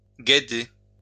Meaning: obsolete form of guéder
- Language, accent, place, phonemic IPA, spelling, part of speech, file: French, France, Lyon, /ɡe.de/, guèder, verb, LL-Q150 (fra)-guèder.wav